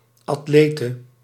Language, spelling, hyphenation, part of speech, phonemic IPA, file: Dutch, atlete, at‧le‧te, noun, /ɑtˈleːtə/, Nl-atlete.ogg
- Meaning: female equivalent of atleet